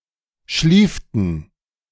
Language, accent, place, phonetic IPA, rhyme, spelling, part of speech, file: German, Germany, Berlin, [ˈʃliːftn̩], -iːftn̩, schlieften, verb, De-schlieften.ogg
- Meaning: inflection of schliefen: 1. first/third-person plural preterite 2. first/third-person plural subjunctive II